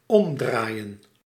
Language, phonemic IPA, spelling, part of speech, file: Dutch, /ɔmdrajə(n)/, omdraaien, verb, Nl-omdraaien.ogg
- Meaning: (verb) to turn around, turn over, flip; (noun) 1. turnover 2. plural of omdraai